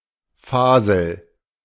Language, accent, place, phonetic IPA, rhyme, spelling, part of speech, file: German, Germany, Berlin, [ˈfaːzl̩], -aːzl̩, Fasel, noun, De-Fasel.ogg
- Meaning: a young and sexually mature bull or cow